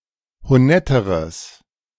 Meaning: strong/mixed nominative/accusative neuter singular comparative degree of honett
- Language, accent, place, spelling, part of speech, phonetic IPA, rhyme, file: German, Germany, Berlin, honetteres, adjective, [hoˈnɛtəʁəs], -ɛtəʁəs, De-honetteres.ogg